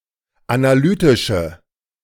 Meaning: inflection of analytisch: 1. strong/mixed nominative/accusative feminine singular 2. strong nominative/accusative plural 3. weak nominative all-gender singular
- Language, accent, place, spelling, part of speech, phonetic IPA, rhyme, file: German, Germany, Berlin, analytische, adjective, [anaˈlyːtɪʃə], -yːtɪʃə, De-analytische.ogg